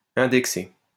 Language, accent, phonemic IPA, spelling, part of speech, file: French, France, /ɛ̃.dɛk.se/, indexé, verb / adjective, LL-Q150 (fra)-indexé.wav
- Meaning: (verb) past participle of indexer; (adjective) indexed